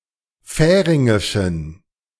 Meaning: inflection of färingisch: 1. strong genitive masculine/neuter singular 2. weak/mixed genitive/dative all-gender singular 3. strong/weak/mixed accusative masculine singular 4. strong dative plural
- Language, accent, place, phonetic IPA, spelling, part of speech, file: German, Germany, Berlin, [ˈfɛːʁɪŋɪʃn̩], färingischen, adjective, De-färingischen.ogg